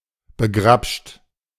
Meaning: 1. past participle of begrabschen 2. inflection of begrabschen: second-person plural present 3. inflection of begrabschen: third-person singular present 4. inflection of begrabschen: plural imperative
- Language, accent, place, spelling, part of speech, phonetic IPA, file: German, Germany, Berlin, begrabscht, verb, [bəˈɡʁapʃt], De-begrabscht.ogg